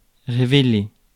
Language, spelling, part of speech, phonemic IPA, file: French, révéler, verb, /ʁe.ve.le/, Fr-révéler.ogg
- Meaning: 1. to reveal, to give away 2. to develop (a photo) 3. to emerge